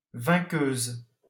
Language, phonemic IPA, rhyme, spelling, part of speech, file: French, /vɛ̃.køz/, -øz, vainqueuse, noun, LL-Q150 (fra)-vainqueuse.wav
- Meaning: female equivalent of vainqueur